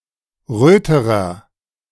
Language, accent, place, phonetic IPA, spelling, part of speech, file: German, Germany, Berlin, [ˈʁøːtəʁɐ], röterer, adjective, De-röterer.ogg
- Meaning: inflection of rot: 1. strong/mixed nominative masculine singular comparative degree 2. strong genitive/dative feminine singular comparative degree 3. strong genitive plural comparative degree